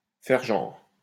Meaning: 1. to put on airs 2. to pretend that, to act like
- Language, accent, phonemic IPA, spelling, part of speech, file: French, France, /fɛʁ ʒɑ̃ʁ/, faire genre, verb, LL-Q150 (fra)-faire genre.wav